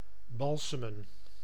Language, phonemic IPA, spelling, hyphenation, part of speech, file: Dutch, /ˈbɑlsəmə(n)/, balsemen, bal‧se‧men, verb, Nl-balsemen.ogg
- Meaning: 1. to embalm, treat a corpse in order to prevent decomposition long-term 2. to treat with a balm 3. to soften, physically or emotionally